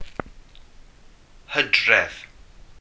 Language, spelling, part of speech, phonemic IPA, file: Welsh, Hydref, proper noun, /ˈhədrɛv/, Cy-Hydref.ogg
- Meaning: October